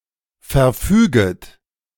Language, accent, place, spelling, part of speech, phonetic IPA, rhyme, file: German, Germany, Berlin, verfüget, verb, [fɛɐ̯ˈfyːɡət], -yːɡət, De-verfüget.ogg
- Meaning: second-person plural subjunctive I of verfügen